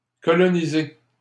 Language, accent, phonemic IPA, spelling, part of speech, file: French, Canada, /kɔ.lɔ.ni.ze/, colonisé, verb, LL-Q150 (fra)-colonisé.wav
- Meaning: past participle of coloniser